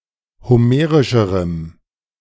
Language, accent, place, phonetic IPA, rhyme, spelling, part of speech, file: German, Germany, Berlin, [hoˈmeːʁɪʃəʁəm], -eːʁɪʃəʁəm, homerischerem, adjective, De-homerischerem.ogg
- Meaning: strong dative masculine/neuter singular comparative degree of homerisch